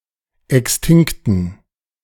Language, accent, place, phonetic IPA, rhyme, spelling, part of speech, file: German, Germany, Berlin, [ˌɛksˈtɪŋktn̩], -ɪŋktn̩, extinkten, adjective, De-extinkten.ogg
- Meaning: inflection of extinkt: 1. strong genitive masculine/neuter singular 2. weak/mixed genitive/dative all-gender singular 3. strong/weak/mixed accusative masculine singular 4. strong dative plural